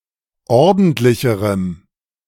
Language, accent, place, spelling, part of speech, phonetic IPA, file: German, Germany, Berlin, ordentlicherem, adjective, [ˈɔʁdn̩tlɪçəʁəm], De-ordentlicherem.ogg
- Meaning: strong dative masculine/neuter singular comparative degree of ordentlich